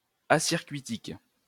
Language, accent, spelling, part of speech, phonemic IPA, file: French, France, acircuitique, adjective, /a.siʁ.kɥi.tik/, LL-Q150 (fra)-acircuitique.wav
- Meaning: acyclic